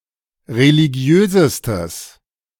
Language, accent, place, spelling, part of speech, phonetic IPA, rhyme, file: German, Germany, Berlin, religiösestes, adjective, [ʁeliˈɡi̯øːzəstəs], -øːzəstəs, De-religiösestes.ogg
- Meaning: strong/mixed nominative/accusative neuter singular superlative degree of religiös